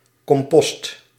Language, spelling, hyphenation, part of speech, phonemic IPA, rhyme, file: Dutch, compost, com‧post, noun, /kɔmˈpɔst/, -ɔst, Nl-compost.ogg
- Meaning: compost, natural fertilizer produced by decaying organic matter